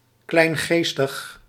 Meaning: narrow-minded, prejudiced
- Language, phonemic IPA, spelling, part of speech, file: Dutch, /ˌklɛi̯nˈɣeːstəx/, kleingeestig, adjective, Nl-kleingeestig.ogg